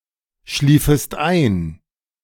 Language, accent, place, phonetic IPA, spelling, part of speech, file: German, Germany, Berlin, [ˌʃliːfəst ˈaɪ̯n], schliefest ein, verb, De-schliefest ein.ogg
- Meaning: second-person singular subjunctive II of einschlafen